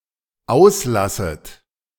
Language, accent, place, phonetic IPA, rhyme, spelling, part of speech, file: German, Germany, Berlin, [ˈaʊ̯sˌlasət], -aʊ̯slasət, auslasset, verb, De-auslasset.ogg
- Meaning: second-person plural dependent subjunctive I of auslassen